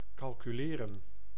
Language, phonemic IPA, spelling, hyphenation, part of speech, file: Dutch, /ˌkɑl.kyˈleː.rə(n)/, calculeren, cal‧cu‧le‧ren, verb, Nl-calculeren.ogg
- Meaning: 1. to calculate 2. to estimate, to reckon